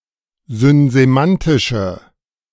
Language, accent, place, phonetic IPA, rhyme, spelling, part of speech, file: German, Germany, Berlin, [zʏnzeˈmantɪʃə], -antɪʃə, synsemantische, adjective, De-synsemantische.ogg
- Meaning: inflection of synsemantisch: 1. strong/mixed nominative/accusative feminine singular 2. strong nominative/accusative plural 3. weak nominative all-gender singular